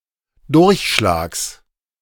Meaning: genitive singular of Durchschlag
- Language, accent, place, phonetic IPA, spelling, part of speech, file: German, Germany, Berlin, [ˈdʊʁçˌʃlaːks], Durchschlags, noun, De-Durchschlags.ogg